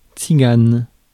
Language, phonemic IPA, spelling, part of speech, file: French, /tsi.ɡan/, tzigane, noun / adjective / proper noun, Fr-tzigane.ogg
- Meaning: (noun) Gypsy; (proper noun) Romani (language)